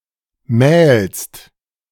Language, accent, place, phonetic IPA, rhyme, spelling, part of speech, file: German, Germany, Berlin, [mɛːlst], -ɛːlst, mählst, verb, De-mählst.ogg
- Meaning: second-person singular present of mahlen